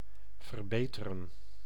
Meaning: 1. to improve 2. to correct
- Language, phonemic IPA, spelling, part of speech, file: Dutch, /vərˈbetərə/, verbeteren, verb, Nl-verbeteren.ogg